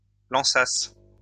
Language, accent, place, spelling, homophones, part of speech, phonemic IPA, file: French, France, Lyon, lançasses, lançasse / lançassent, verb, /lɑ̃.sas/, LL-Q150 (fra)-lançasses.wav
- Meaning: second-person singular imperfect subjunctive of lancer